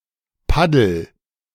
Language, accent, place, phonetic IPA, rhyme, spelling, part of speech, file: German, Germany, Berlin, [ˈpadl̩], -adl̩, paddel, verb, De-paddel.ogg
- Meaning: inflection of paddeln: 1. first-person singular present 2. singular imperative